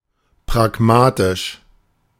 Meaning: pragmatic
- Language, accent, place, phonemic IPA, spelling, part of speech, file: German, Germany, Berlin, /pʁaˈɡmaːtɪʃ/, pragmatisch, adjective, De-pragmatisch.ogg